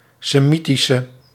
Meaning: inflection of Semitisch: 1. masculine/feminine singular attributive 2. definite neuter singular attributive 3. plural attributive
- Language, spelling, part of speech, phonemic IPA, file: Dutch, Semitische, adjective, /seˈmitisə/, Nl-Semitische.ogg